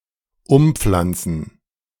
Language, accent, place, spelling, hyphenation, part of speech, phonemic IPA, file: German, Germany, Berlin, umpflanzen, um‧pflan‧zen, verb, /ˈʊmˌp͡flant͡sn̩/, De-umpflanzen.ogg
- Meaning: to replant, to transplant